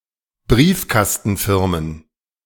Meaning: plural of Briefkastenfirma
- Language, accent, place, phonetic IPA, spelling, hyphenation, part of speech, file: German, Germany, Berlin, [ˈbʀiːfkastn̩ˌfɪʁmən], Briefkastenfirmen, Brief‧kas‧ten‧fir‧men, noun, De-Briefkastenfirmen.ogg